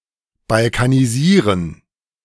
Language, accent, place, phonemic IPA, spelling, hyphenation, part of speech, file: German, Germany, Berlin, /balkaniˈziːʁən/, balkanisieren, bal‧ka‧ni‧sie‧ren, verb, De-balkanisieren.ogg
- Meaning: to Balkanize